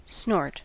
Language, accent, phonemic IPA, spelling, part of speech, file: English, US, /snɔɹt/, snort, noun / verb, En-us-snort.ogg
- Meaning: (noun) 1. The sound made by exhaling or inhaling roughly through the nose 2. A dose of snuff or other drug to be snorted 3. A consumed portion of an alcoholic drink 4. A submarine snorkel